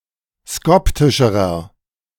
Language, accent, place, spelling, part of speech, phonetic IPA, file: German, Germany, Berlin, skoptischerer, adjective, [ˈskɔptɪʃəʁɐ], De-skoptischerer.ogg
- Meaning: inflection of skoptisch: 1. strong/mixed nominative masculine singular comparative degree 2. strong genitive/dative feminine singular comparative degree 3. strong genitive plural comparative degree